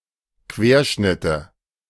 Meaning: nominative/accusative/genitive plural of Querschnitt
- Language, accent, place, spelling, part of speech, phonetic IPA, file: German, Germany, Berlin, Querschnitte, noun, [ˈkveːɐ̯ˌʃnɪtə], De-Querschnitte.ogg